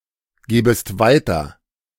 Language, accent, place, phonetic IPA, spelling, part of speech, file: German, Germany, Berlin, [ˌɡeːbəst ˈvaɪ̯tɐ], gebest weiter, verb, De-gebest weiter.ogg
- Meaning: second-person singular subjunctive I of weitergeben